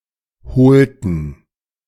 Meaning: inflection of holen: 1. first/third-person plural preterite 2. first/third-person plural subjunctive II
- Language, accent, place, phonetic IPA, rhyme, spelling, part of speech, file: German, Germany, Berlin, [ˈhoːltn̩], -oːltn̩, holten, verb, De-holten.ogg